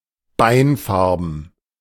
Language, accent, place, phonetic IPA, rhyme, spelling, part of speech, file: German, Germany, Berlin, [ˈbaɪ̯nˌfaʁbn̩], -aɪ̯nfaʁbn̩, beinfarben, adjective, De-beinfarben.ogg
- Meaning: ivory in colour